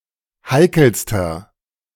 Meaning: inflection of heikel: 1. strong/mixed nominative masculine singular superlative degree 2. strong genitive/dative feminine singular superlative degree 3. strong genitive plural superlative degree
- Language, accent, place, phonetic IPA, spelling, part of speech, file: German, Germany, Berlin, [ˈhaɪ̯kl̩stɐ], heikelster, adjective, De-heikelster.ogg